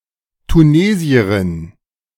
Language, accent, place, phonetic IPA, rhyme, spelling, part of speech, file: German, Germany, Berlin, [tuˈneːzi̯əʁɪn], -eːzi̯əʁɪn, Tunesierin, noun, De-Tunesierin.ogg
- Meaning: Tunisian (female person from Tunisia)